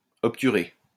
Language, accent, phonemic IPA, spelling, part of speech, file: French, France, /ɔp.ty.ʁe/, obturer, verb, LL-Q150 (fra)-obturer.wav
- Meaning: 1. to seal, close up 2. to hide